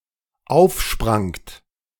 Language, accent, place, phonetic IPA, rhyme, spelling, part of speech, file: German, Germany, Berlin, [ˈaʊ̯fˌʃpʁaŋt], -aʊ̯fʃpʁaŋt, aufsprangt, verb, De-aufsprangt.ogg
- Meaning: second-person plural dependent preterite of aufspringen